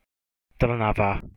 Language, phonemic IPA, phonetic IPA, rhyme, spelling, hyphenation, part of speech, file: Slovak, /tr̩nava/, [ˈtr̩naʋa], -ava, Trnava, Tr‧na‧va, proper noun, Sk-Trnava.ogg
- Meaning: a city in western Slovakia, on the Trnávka river